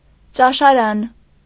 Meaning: cafeteria, dining hall
- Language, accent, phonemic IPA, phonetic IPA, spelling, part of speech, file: Armenian, Eastern Armenian, /t͡ʃɑʃɑˈɾɑn/, [t͡ʃɑʃɑɾɑ́n], ճաշարան, noun, Hy-ճաշարան.ogg